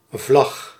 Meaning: flag
- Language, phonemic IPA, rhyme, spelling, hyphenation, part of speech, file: Dutch, /vlɑx/, -ɑx, vlag, vlag, noun, Nl-vlag.ogg